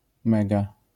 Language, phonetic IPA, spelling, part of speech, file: Polish, [ˈmɛɡa], mega, adverb / adjective / noun, LL-Q809 (pol)-mega.wav